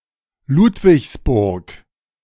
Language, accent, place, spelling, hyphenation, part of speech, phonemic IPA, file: German, Germany, Berlin, Ludwigsburg, Lud‧wigs‧burg, proper noun, /ˈluːtvɪçsˌbʊʁk/, De-Ludwigsburg.ogg
- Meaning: a planned town and rural district of Baden-Württemberg